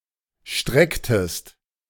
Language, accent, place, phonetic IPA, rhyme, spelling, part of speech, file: German, Germany, Berlin, [ˈʃtʁɛktəst], -ɛktəst, strecktest, verb, De-strecktest.ogg
- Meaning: inflection of strecken: 1. second-person singular preterite 2. second-person singular subjunctive II